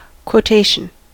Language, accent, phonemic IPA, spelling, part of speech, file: English, US, /kwoʊˈteɪʃn̩/, quotation, noun, En-us-quotation.ogg
- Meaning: 1. A fragment of a human expression that is repeated by somebody else, for example from literature or a famous speech 2. The act of quoting someone or something